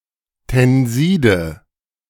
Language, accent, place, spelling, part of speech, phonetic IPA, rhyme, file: German, Germany, Berlin, Tenside, noun, [tɛnˈziːdə], -iːdə, De-Tenside.ogg
- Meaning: nominative/accusative/genitive plural of Tensid